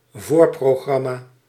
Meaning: opening act, preceding the main act/artist
- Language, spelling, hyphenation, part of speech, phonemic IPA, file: Dutch, voorprogramma, voor‧pro‧gram‧ma, noun, /ˈvoːr.proːˌɣrɑ.maː/, Nl-voorprogramma.ogg